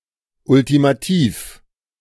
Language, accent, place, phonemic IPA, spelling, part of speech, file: German, Germany, Berlin, /ˌʊltimaˑˈtiːf/, ultimativ, adjective / adverb, De-ultimativ.ogg
- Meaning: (adjective) 1. firm, insistent (tolerating no dissent) 2. ultimate, final (greatest or maximum); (adverb) 1. firmly, insistently 2. ultimately